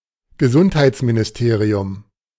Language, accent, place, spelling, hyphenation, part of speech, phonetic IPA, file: German, Germany, Berlin, Gesundheitsministerium, Ge‧sund‧heits‧mi‧ni‧ste‧ri‧um, noun, [ɡəˈzʊnthaɪ̯t͡sminɪsˌteːʀiʊm], De-Gesundheitsministerium.ogg
- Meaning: health ministry